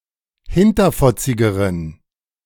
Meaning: inflection of hinterfotzig: 1. strong genitive masculine/neuter singular comparative degree 2. weak/mixed genitive/dative all-gender singular comparative degree
- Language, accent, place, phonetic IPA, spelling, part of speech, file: German, Germany, Berlin, [ˈhɪntɐfɔt͡sɪɡəʁən], hinterfotzigeren, adjective, De-hinterfotzigeren.ogg